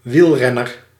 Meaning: a sports or fitness cyclist, someone who races bicycles, as opposed to a person riding a bike for any other purpose
- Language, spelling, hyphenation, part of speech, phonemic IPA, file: Dutch, wielrenner, wiel‧ren‧ner, noun, /ˈʋilˌrɛ.nər/, Nl-wielrenner.ogg